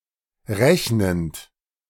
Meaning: present participle of rechnen
- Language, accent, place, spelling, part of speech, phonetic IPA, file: German, Germany, Berlin, rechnend, verb, [ˈʁɛçnənt], De-rechnend.ogg